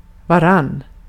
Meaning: informal form of varandra (“each other, one another”)
- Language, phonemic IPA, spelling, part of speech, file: Swedish, /vaˈran/, varann, pronoun, Sv-varann.ogg